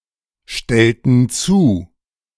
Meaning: inflection of zustellen: 1. first/third-person plural preterite 2. first/third-person plural subjunctive II
- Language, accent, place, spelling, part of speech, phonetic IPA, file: German, Germany, Berlin, stellten zu, verb, [ˌʃtɛltn̩ ˈt͡suː], De-stellten zu.ogg